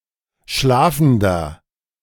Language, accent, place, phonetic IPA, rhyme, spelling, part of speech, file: German, Germany, Berlin, [ˈʃlaːfn̩dɐ], -aːfn̩dɐ, schlafender, adjective, De-schlafender.ogg
- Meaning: inflection of schlafend: 1. strong/mixed nominative masculine singular 2. strong genitive/dative feminine singular 3. strong genitive plural